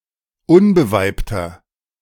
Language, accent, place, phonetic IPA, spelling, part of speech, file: German, Germany, Berlin, [ˈʊnbəˌvaɪ̯ptɐ], unbeweibter, adjective, De-unbeweibter.ogg
- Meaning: inflection of unbeweibt: 1. strong/mixed nominative masculine singular 2. strong genitive/dative feminine singular 3. strong genitive plural